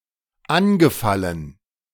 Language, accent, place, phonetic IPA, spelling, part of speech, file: German, Germany, Berlin, [ˈanɡəˌfalən], angefallen, verb, De-angefallen.ogg
- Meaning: past participle of anfallen